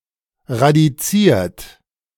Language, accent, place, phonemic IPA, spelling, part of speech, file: German, Germany, Berlin, /ʁadiˈt͡siːɐ̯t/, radiziert, verb / adjective, De-radiziert.ogg
- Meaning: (verb) past participle of radizieren; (adjective) 1. square root 2. rooted